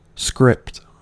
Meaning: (noun) 1. A writing; a written document 2. Written characters; style of writing 3. Type made in imitation of handwriting 4. An original instrument or document
- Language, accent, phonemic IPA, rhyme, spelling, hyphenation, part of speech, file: English, General American, /skɹɪpt/, -ɪpt, script, script, noun / verb, En-us-script.ogg